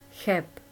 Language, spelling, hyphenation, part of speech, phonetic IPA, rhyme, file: Czech, Cheb, Cheb, proper noun, [ˈxɛp], -ɛp, Cs Cheb.ogg
- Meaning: a town in Karlovy Vary, Czech Republic, situated on the river Ohře near the border with Germany